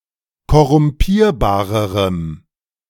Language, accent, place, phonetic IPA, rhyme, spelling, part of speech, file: German, Germany, Berlin, [kɔʁʊmˈpiːɐ̯baːʁəʁəm], -iːɐ̯baːʁəʁəm, korrumpierbarerem, adjective, De-korrumpierbarerem.ogg
- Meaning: strong dative masculine/neuter singular comparative degree of korrumpierbar